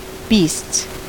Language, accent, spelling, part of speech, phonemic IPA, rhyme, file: English, US, beasts, noun / verb, /biːsts/, -iːsts, En-us-beasts.ogg
- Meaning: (noun) plural of beast; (verb) third-person singular simple present indicative of beast